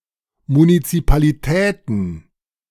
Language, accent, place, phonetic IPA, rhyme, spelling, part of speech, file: German, Germany, Berlin, [munit͡sipaliˈtɛːtn̩], -ɛːtn̩, Munizipalitäten, noun, De-Munizipalitäten.ogg
- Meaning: plural of Munizipalität